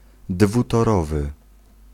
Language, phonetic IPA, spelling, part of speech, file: Polish, [ˌdvutɔˈrɔvɨ], dwutorowy, adjective, Pl-dwutorowy.ogg